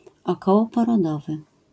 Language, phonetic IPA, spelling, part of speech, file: Polish, [ˌɔkɔwɔpɔrɔˈdɔvɨ], okołoporodowy, adjective, LL-Q809 (pol)-okołoporodowy.wav